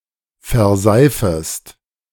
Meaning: second-person singular subjunctive I of verseifen
- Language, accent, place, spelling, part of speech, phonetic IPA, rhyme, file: German, Germany, Berlin, verseifest, verb, [fɛɐ̯ˈzaɪ̯fəst], -aɪ̯fəst, De-verseifest.ogg